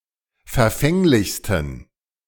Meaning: 1. superlative degree of verfänglich 2. inflection of verfänglich: strong genitive masculine/neuter singular superlative degree
- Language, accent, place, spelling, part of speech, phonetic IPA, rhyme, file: German, Germany, Berlin, verfänglichsten, adjective, [fɛɐ̯ˈfɛŋlɪçstn̩], -ɛŋlɪçstn̩, De-verfänglichsten.ogg